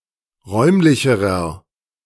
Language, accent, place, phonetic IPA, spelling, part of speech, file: German, Germany, Berlin, [ˈʁɔɪ̯mlɪçəʁɐ], räumlicherer, adjective, De-räumlicherer.ogg
- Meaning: inflection of räumlich: 1. strong/mixed nominative masculine singular comparative degree 2. strong genitive/dative feminine singular comparative degree 3. strong genitive plural comparative degree